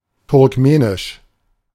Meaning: Turkmen (related to Turkmenistan, its people or its language)
- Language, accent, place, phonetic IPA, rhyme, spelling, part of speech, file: German, Germany, Berlin, [tʊʁkˈmeːnɪʃ], -eːnɪʃ, turkmenisch, adjective, De-turkmenisch.ogg